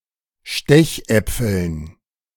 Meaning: dative plural of Stechapfel
- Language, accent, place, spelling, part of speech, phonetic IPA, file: German, Germany, Berlin, Stechäpfeln, noun, [ˈʃtɛçˌʔɛp͡fl̩n], De-Stechäpfeln.ogg